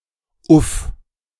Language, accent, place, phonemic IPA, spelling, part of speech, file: German, Germany, Berlin, /ˈʔʊf/, uff, interjection / preposition, De-uff.ogg
- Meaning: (interjection) 1. phew (expression of disgust, tiredness or relief) 2. whew (used before, during or after a mentally or physically strenuous activity, or while thinking of it)